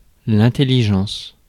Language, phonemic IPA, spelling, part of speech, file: French, /ɛ̃.tɛ.li.ʒɑ̃s/, intelligence, noun, Fr-intelligence.ogg
- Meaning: 1. intelligence; cleverness 2. comprehension, understanding 3. accord, agreement, harmony